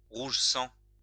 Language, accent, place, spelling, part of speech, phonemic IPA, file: French, France, Lyon, rouge sang, adjective, /ʁuʒ sɑ̃/, LL-Q150 (fra)-rouge sang.wav
- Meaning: blood red (of a deep vivid red colour)